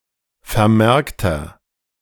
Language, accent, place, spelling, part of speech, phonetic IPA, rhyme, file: German, Germany, Berlin, vermerkter, adjective, [fɛɐ̯ˈmɛʁktɐ], -ɛʁktɐ, De-vermerkter.ogg
- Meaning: inflection of vermerkt: 1. strong/mixed nominative masculine singular 2. strong genitive/dative feminine singular 3. strong genitive plural